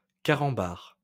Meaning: plural of carambar
- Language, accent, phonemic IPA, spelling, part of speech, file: French, France, /ka.ʁɑ̃.baʁ/, carambars, noun, LL-Q150 (fra)-carambars.wav